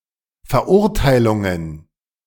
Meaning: plural of Verurteilung
- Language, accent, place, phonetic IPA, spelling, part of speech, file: German, Germany, Berlin, [fɛɐ̯ˈʔʊʁtaɪ̯lʊŋən], Verurteilungen, noun, De-Verurteilungen.ogg